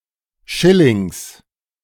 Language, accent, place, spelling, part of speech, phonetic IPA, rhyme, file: German, Germany, Berlin, Schillings, noun, [ˈʃɪlɪŋs], -ɪlɪŋs, De-Schillings.ogg
- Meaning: genitive singular of Schilling